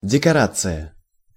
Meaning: decoration
- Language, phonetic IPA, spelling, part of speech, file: Russian, [dʲɪkɐˈrat͡sɨjə], декорация, noun, Ru-декорация.ogg